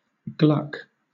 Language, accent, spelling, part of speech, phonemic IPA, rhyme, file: English, Southern England, gluck, verb, /ɡlʌk/, -ʌk, LL-Q1860 (eng)-gluck.wav
- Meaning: To flow or cause to flow in a noisy series of spurts, as when liquid is emptied through the narrow neck of a bottle